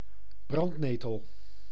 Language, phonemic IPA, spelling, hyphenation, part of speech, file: Dutch, /ˈbrɑntˌneː.təl/, brandnetel, brand‧ne‧tel, noun, Nl-brandnetel.ogg
- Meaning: nettle, stinging nettle (herb of the genus Urtica)